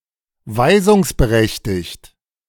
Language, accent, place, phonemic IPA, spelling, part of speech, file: German, Germany, Berlin, /ˈvaɪ̯zʊŋsbəˌʁɛçtɪçt/, weisungsberechtigt, adjective, De-weisungsberechtigt.ogg
- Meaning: authorised to instruct or to act